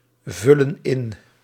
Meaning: inflection of invullen: 1. plural present indicative 2. plural present subjunctive
- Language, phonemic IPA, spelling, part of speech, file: Dutch, /ˈvʏlə(n) ˈɪn/, vullen in, verb, Nl-vullen in.ogg